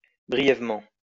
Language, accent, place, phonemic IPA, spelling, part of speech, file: French, France, Lyon, /bʁi.jɛv.mɑ̃/, brièvement, adverb, LL-Q150 (fra)-brièvement.wav
- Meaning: briefly